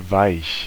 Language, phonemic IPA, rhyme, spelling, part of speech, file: German, /vaɪ̯ç/, -aɪ̯ç, weich, adjective, De-weich.ogg
- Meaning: soft